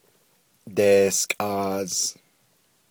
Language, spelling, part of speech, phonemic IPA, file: Navajo, deeskʼaaz, verb, /tèːskʼɑ̀ːz/, Nv-deeskʼaaz.ogg
- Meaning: it (the weather) is cold (perfective form of diłkʼáás, “to start to get cold”)